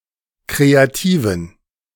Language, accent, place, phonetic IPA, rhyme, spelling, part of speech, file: German, Germany, Berlin, [ˌkʁeaˈtiːvn̩], -iːvn̩, kreativen, adjective, De-kreativen.ogg
- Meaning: inflection of kreativ: 1. strong genitive masculine/neuter singular 2. weak/mixed genitive/dative all-gender singular 3. strong/weak/mixed accusative masculine singular 4. strong dative plural